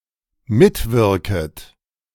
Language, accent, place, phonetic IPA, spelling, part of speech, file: German, Germany, Berlin, [ˈmɪtˌvɪʁkət], mitwirket, verb, De-mitwirket.ogg
- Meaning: second-person plural dependent subjunctive I of mitwirken